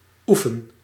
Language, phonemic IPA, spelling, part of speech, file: Dutch, /ˈu.fən/, oefen, verb, Nl-oefen.ogg
- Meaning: inflection of oefenen: 1. first-person singular present indicative 2. second-person singular present indicative 3. imperative